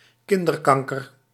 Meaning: childhood cancer, child cancer
- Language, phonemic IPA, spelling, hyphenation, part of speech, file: Dutch, /ˈkɪn.dərˌkɑŋ.kər/, kinderkanker, kin‧der‧kan‧ker, noun, Nl-kinderkanker.ogg